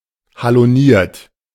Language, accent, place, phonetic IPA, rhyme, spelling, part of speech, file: German, Germany, Berlin, [haloˈniːɐ̯t], -iːɐ̯t, haloniert, adjective, De-haloniert.ogg
- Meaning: haloed